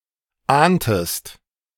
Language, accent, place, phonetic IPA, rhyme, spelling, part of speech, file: German, Germany, Berlin, [ˈaːntəst], -aːntəst, ahntest, verb, De-ahntest.ogg
- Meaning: inflection of ahnen: 1. second-person singular preterite 2. second-person singular subjunctive II